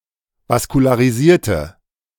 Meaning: inflection of vaskularisiert: 1. strong/mixed nominative/accusative feminine singular 2. strong nominative/accusative plural 3. weak nominative all-gender singular
- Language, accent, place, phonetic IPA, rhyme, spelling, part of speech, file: German, Germany, Berlin, [vaskulaːʁiˈziːɐ̯tə], -iːɐ̯tə, vaskularisierte, adjective, De-vaskularisierte.ogg